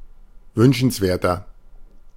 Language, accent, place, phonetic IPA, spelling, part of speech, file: German, Germany, Berlin, [ˈvʏnʃn̩sˌveːɐ̯tɐ], wünschenswerter, adjective, De-wünschenswerter.ogg
- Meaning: inflection of wünschenswert: 1. strong/mixed nominative masculine singular 2. strong genitive/dative feminine singular 3. strong genitive plural